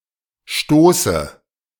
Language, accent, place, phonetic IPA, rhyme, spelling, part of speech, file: German, Germany, Berlin, [ˈʃtoːsə], -oːsə, Stoße, noun, De-Stoße.ogg
- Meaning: dative of Stoß